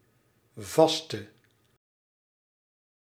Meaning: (noun) single crochet (US sense); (adjective) inflection of vast: 1. masculine/feminine singular attributive 2. definite neuter singular attributive 3. plural attributive
- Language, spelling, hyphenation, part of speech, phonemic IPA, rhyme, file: Dutch, vaste, vas‧te, noun / adjective / verb, /ˈvɑs.tə/, -ɑstə, Nl-vaste.ogg